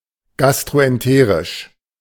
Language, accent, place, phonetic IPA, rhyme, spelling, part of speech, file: German, Germany, Berlin, [ˌɡastʁoʔɛnˈteːʁɪʃ], -eːʁɪʃ, gastroenterisch, adjective, De-gastroenterisch.ogg
- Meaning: gastroenteric, gastrointestinal